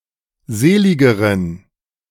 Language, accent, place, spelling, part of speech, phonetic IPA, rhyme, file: German, Germany, Berlin, seligeren, adjective, [ˈzeːˌlɪɡəʁən], -eːlɪɡəʁən, De-seligeren.ogg
- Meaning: inflection of selig: 1. strong genitive masculine/neuter singular comparative degree 2. weak/mixed genitive/dative all-gender singular comparative degree